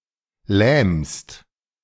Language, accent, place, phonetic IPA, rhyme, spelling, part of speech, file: German, Germany, Berlin, [lɛːmst], -ɛːmst, lähmst, verb, De-lähmst.ogg
- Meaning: second-person singular present of lähmen